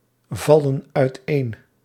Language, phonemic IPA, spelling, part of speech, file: Dutch, /ˈvɑlə(n) œytˈen/, vallen uiteen, verb, Nl-vallen uiteen.ogg
- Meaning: inflection of uiteenvallen: 1. plural present indicative 2. plural present subjunctive